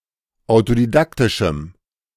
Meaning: strong dative masculine/neuter singular of autodidaktisch
- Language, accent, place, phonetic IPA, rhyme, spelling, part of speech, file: German, Germany, Berlin, [aʊ̯todiˈdaktɪʃm̩], -aktɪʃm̩, autodidaktischem, adjective, De-autodidaktischem.ogg